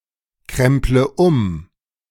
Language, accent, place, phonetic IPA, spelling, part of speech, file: German, Germany, Berlin, [ˌkʁɛmplə ˈʊm], kremple um, verb, De-kremple um.ogg
- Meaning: inflection of umkrempeln: 1. first-person singular present 2. first/third-person singular subjunctive I 3. singular imperative